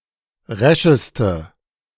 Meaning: inflection of resch: 1. strong/mixed nominative/accusative feminine singular superlative degree 2. strong nominative/accusative plural superlative degree
- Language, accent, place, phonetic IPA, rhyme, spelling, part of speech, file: German, Germany, Berlin, [ˈʁɛʃəstə], -ɛʃəstə, rescheste, adjective, De-rescheste.ogg